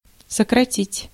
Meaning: 1. to shorten, to curtail, to abridge, to abbreviate 2. to reduce, to cut, to curtail, to retrench 3. to dismiss, to discharge; to lay off 4. to cancel, to abbreviate by cancellation
- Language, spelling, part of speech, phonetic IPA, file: Russian, сократить, verb, [səkrɐˈtʲitʲ], Ru-сократить.ogg